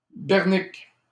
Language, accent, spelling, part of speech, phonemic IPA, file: French, Canada, berniques, noun, /bɛʁ.nik/, LL-Q150 (fra)-berniques.wav
- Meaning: plural of bernique